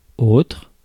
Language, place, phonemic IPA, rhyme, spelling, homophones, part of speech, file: French, Paris, /otʁ/, -otʁ, autre, autres, adjective / pronoun, Fr-autre.ogg
- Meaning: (adjective) 1. other 2. another 3. used to express the equivalence or resemblance between two or more things; second